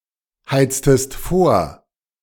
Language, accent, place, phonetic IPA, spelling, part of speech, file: German, Germany, Berlin, [ˌhaɪ̯t͡stəst ˈfoːɐ̯], heiztest vor, verb, De-heiztest vor.ogg
- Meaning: inflection of vorheizen: 1. second-person singular preterite 2. second-person singular subjunctive II